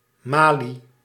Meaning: 1. a link of chainmail 2. aiglet
- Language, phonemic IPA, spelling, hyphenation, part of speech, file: Dutch, /ˈmaː.li/, malie, ma‧lie, noun, Nl-malie.ogg